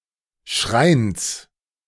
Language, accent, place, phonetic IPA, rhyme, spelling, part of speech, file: German, Germany, Berlin, [ʃʁaɪ̯ns], -aɪ̯ns, Schreins, noun, De-Schreins.ogg
- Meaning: genitive singular of Schrein